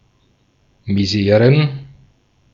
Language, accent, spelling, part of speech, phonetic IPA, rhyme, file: German, Austria, Miseren, noun, [miˈzeːʁən], -eːʁən, De-at-Miseren.ogg
- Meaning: plural of Misere